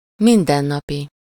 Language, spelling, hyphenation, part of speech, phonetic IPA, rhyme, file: Hungarian, mindennapi, min‧den‧na‧pi, adjective, [ˈmindɛnːɒpi], -pi, Hu-mindennapi.ogg
- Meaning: 1. everyday 2. daily, day-to-day (happening every day) 3. ordinary, mundane, day-to-day